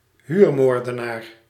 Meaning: contract killer, (hired) assassin
- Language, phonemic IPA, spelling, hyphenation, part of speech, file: Dutch, /ˈɦyːrˌmoːr.də.naːr/, huurmoordenaar, huur‧moor‧de‧naar, noun, Nl-huurmoordenaar.ogg